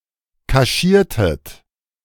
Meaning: inflection of kaschieren: 1. second-person plural preterite 2. second-person plural subjunctive II
- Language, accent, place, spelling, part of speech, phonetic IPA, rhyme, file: German, Germany, Berlin, kaschiertet, verb, [kaˈʃiːɐ̯tət], -iːɐ̯tət, De-kaschiertet.ogg